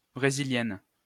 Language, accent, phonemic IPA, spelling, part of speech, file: French, France, /bʁe.zi.ljɛn/, brésilienne, adjective, LL-Q150 (fra)-brésilienne.wav
- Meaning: feminine singular of brésilien